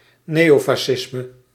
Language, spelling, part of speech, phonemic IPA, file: Dutch, neofascisme, noun, /ˈneːofɑʃɪsmə/, Nl-neofascisme.ogg
- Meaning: neofascism